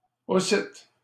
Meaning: also, too
- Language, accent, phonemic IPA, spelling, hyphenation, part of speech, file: French, Canada, /o.sit/, aussitte, aus‧sitte, adverb, LL-Q150 (fra)-aussitte.wav